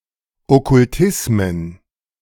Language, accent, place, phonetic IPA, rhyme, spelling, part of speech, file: German, Germany, Berlin, [ˌɔkʊlˈtɪsmən], -ɪsmən, Okkultismen, noun, De-Okkultismen.ogg
- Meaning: plural of Okkultismus